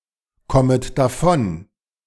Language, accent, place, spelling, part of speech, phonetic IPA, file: German, Germany, Berlin, kommet davon, verb, [ˌkɔmət daˈfɔn], De-kommet davon.ogg
- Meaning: second-person plural subjunctive I of davonkommen